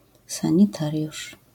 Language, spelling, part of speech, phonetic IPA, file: Polish, sanitariusz, noun, [ˌsãɲiˈtarʲjuʃ], LL-Q809 (pol)-sanitariusz.wav